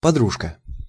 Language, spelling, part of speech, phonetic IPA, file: Russian, подружка, noun, [pɐˈdruʂkə], Ru-подружка.ogg
- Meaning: diminutive of подру́га (podrúga)